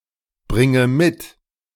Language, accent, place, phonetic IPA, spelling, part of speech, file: German, Germany, Berlin, [ˌbʁɪŋə ˈmɪt], bringe mit, verb, De-bringe mit.ogg
- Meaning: inflection of mitbringen: 1. first-person singular present 2. first/third-person singular subjunctive I 3. singular imperative